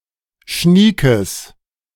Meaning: strong/mixed nominative/accusative neuter singular of schnieke
- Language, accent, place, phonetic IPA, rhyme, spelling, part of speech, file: German, Germany, Berlin, [ˈʃniːkəs], -iːkəs, schniekes, adjective, De-schniekes.ogg